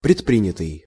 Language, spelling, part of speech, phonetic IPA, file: Russian, предпринятый, verb, [prʲɪtˈprʲinʲɪtɨj], Ru-предпринятый.ogg
- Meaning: past passive perfective participle of предприня́ть (predprinjátʹ)